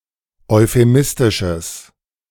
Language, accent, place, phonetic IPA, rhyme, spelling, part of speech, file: German, Germany, Berlin, [ɔɪ̯feˈmɪstɪʃəs], -ɪstɪʃəs, euphemistisches, adjective, De-euphemistisches.ogg
- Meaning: strong/mixed nominative/accusative neuter singular of euphemistisch